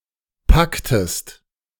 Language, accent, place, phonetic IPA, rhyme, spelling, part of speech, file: German, Germany, Berlin, [ˈpaktəst], -aktəst, packtest, verb, De-packtest.ogg
- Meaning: inflection of packen: 1. second-person singular preterite 2. second-person singular subjunctive II